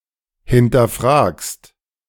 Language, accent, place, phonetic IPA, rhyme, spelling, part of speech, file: German, Germany, Berlin, [hɪntɐˈfʁaːkst], -aːkst, hinterfragst, verb, De-hinterfragst.ogg
- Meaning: second-person singular present of hinterfragen